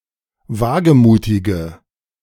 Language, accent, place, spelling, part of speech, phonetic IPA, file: German, Germany, Berlin, wagemutige, adjective, [ˈvaːɡəˌmuːtɪɡə], De-wagemutige.ogg
- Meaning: inflection of wagemutig: 1. strong/mixed nominative/accusative feminine singular 2. strong nominative/accusative plural 3. weak nominative all-gender singular